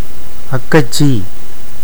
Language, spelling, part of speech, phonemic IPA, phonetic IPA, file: Tamil, அக்கச்சி, noun, /ɐkːɐtʃtʃiː/, [ɐkːɐssiː], Ta-அக்கச்சி.ogg
- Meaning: Spoken Tamil form of அக்கைச்சி (akkaicci, “elder sister”)